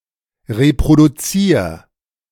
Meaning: 1. singular imperative of reproduzieren 2. first-person singular present of reproduzieren
- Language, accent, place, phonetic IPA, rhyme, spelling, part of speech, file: German, Germany, Berlin, [ʁepʁoduˈt͡siːɐ̯], -iːɐ̯, reproduzier, verb, De-reproduzier.ogg